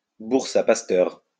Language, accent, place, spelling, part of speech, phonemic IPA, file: French, France, Lyon, bourse-à-pasteur, noun, /buʁ.sa.pas.tœʁ/, LL-Q150 (fra)-bourse-à-pasteur.wav
- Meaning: shepherd's purse